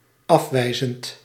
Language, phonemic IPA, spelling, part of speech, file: Dutch, /ɑfˈwɛizənt/, afwijzend, adjective / adverb / verb, Nl-afwijzend.ogg
- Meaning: present participle of afwijzen